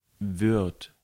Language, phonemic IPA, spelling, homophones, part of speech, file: German, /vɪrt/, wird, Wirt, verb, De-wird.ogg
- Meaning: third-person singular present of werden